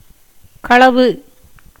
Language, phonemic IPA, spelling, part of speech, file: Tamil, /kɐɭɐʋɯ/, களவு, noun, Ta-களவு.ogg
- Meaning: theft